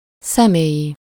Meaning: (adjective) 1. personal (of or relating to a particular person) 2. personal (pertaining to human beings); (noun) ID (a card or badge showing the official identity of the wearer)
- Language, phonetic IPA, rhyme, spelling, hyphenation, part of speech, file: Hungarian, [ˈsɛmeːji], -ji, személyi, sze‧mé‧lyi, adjective / noun, Hu-személyi.ogg